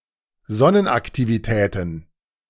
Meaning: plural of Sonnenaktivität
- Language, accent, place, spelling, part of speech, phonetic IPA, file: German, Germany, Berlin, Sonnenaktivitäten, noun, [ˈzɔnənʔaktiviˌtɛːtn̩], De-Sonnenaktivitäten.ogg